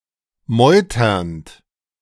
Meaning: present participle of meutern
- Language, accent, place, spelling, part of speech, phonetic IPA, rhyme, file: German, Germany, Berlin, meuternd, verb, [ˈmɔɪ̯tɐnt], -ɔɪ̯tɐnt, De-meuternd.ogg